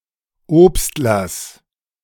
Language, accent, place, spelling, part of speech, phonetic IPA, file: German, Germany, Berlin, Obstlers, noun, [ˈoːpstlɐs], De-Obstlers.ogg
- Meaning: genitive singular of Obstler